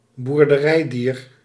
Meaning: farm animal
- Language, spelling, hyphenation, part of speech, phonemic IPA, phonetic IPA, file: Dutch, boerderijdier, boer‧de‧rij‧dier, noun, /bur.dəˈrɛi̯.dir/, [buːr.dəˈrɛi̯.diːr], Nl-boerderijdier.ogg